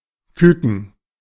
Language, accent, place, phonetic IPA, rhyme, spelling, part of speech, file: German, Germany, Berlin, [ˈkʏkn̩], -ʏkn̩, Kücken, noun, De-Kücken.ogg
- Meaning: alternative form of Küken (“chick”)